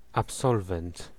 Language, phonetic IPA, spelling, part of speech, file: Polish, [apˈsɔlvɛ̃nt], absolwent, noun, Pl-absolwent.ogg